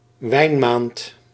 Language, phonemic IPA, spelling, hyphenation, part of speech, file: Dutch, /ˈʋɛi̯nˌmaːnt/, wijnmaand, wijn‧maand, noun, Nl-wijnmaand.ogg
- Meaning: October